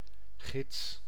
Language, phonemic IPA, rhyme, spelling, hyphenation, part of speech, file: Dutch, /ɣɪts/, -ɪts, gids, gids, noun, Nl-gids.ogg
- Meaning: 1. guide (person guiding others) 2. guide (text providing guidance)